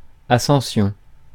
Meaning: 1. ascent 2. ascension
- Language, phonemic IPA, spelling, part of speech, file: French, /a.sɑ̃.sjɔ̃/, ascension, noun, Fr-ascension.ogg